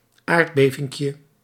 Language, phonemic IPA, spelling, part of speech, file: Dutch, /ˈardbevɪŋkjə/, aardbevinkje, noun, Nl-aardbevinkje.ogg
- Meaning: diminutive of aardbeving